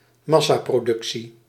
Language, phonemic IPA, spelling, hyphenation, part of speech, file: Dutch, /ˈmɑ.saː.proːˌdʏk.si/, massaproductie, mas‧sa‧pro‧duc‧tie, noun, Nl-massaproductie.ogg
- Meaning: mass production